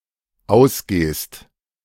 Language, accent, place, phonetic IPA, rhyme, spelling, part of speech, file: German, Germany, Berlin, [ˈaʊ̯sˌɡeːst], -aʊ̯sɡeːst, ausgehst, verb, De-ausgehst.ogg
- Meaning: second-person singular dependent present of ausgehen